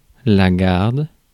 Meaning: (noun) 1. a watch, guard 2. a battalion responsible for guarding, defending a sovereign, a prince, more generally, of an elite corps 3. sentry service performed by soldiers
- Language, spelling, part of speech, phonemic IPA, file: French, garde, noun / verb, /ɡaʁd/, Fr-garde.ogg